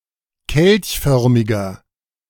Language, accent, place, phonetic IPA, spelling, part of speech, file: German, Germany, Berlin, [ˈkɛlçˌfœʁmɪɡɐ], kelchförmiger, adjective, De-kelchförmiger.ogg
- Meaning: inflection of kelchförmig: 1. strong/mixed nominative masculine singular 2. strong genitive/dative feminine singular 3. strong genitive plural